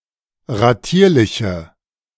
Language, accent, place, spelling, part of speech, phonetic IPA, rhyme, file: German, Germany, Berlin, ratierliche, adjective, [ʁaˈtiːɐ̯lɪçə], -iːɐ̯lɪçə, De-ratierliche.ogg
- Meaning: inflection of ratierlich: 1. strong/mixed nominative/accusative feminine singular 2. strong nominative/accusative plural 3. weak nominative all-gender singular